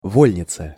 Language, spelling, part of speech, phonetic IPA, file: Russian, вольница, noun, [ˈvolʲnʲɪt͡sə], Ru-вольница.ogg
- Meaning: 1. community of people who escaped the harsh conditions of serfdom and settled on the outskirts of Russia, e.g. Cossacks 2. strong-willed person